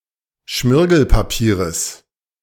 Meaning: genitive singular of Schmirgelpapier
- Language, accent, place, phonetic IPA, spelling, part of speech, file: German, Germany, Berlin, [ˈʃmɪʁɡl̩paˌpiːʁəs], Schmirgelpapieres, noun, De-Schmirgelpapieres.ogg